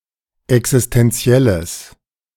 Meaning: strong/mixed nominative/accusative neuter singular of existentiell
- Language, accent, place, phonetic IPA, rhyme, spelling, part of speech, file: German, Germany, Berlin, [ɛksɪstɛnˈt͡si̯ɛləs], -ɛləs, existentielles, adjective, De-existentielles.ogg